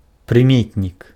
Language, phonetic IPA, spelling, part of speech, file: Belarusian, [prɨˈmʲetnʲik], прыметнік, noun, Be-прыметнік.ogg
- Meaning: adjective